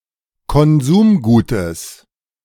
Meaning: genitive singular of Konsumgut
- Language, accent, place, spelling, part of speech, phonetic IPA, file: German, Germany, Berlin, Konsumgutes, noun, [kɔnˈzuːmˌɡuːtəs], De-Konsumgutes.ogg